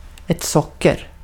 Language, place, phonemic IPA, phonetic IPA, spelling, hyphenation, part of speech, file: Swedish, Gotland, /ˈsɔkɛr/, [ˈsɔkːər], socker, sock‧er, noun, Sv-socker.ogg
- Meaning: 1. sugar; sucrose in the form of small crystals 2. sugar; any of various small carbohydrates that are used by organisms to store energy 3. diabetes